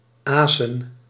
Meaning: Æsir
- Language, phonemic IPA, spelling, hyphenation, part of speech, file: Dutch, /ˈaː.sə(n)/, Asen, Asen, proper noun, Nl-Asen.ogg